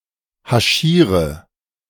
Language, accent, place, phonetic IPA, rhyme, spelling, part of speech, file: German, Germany, Berlin, [haˈʃiːʁə], -iːʁə, haschiere, verb, De-haschiere.ogg
- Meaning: inflection of haschieren: 1. first-person singular present 2. singular imperative 3. first/third-person singular subjunctive I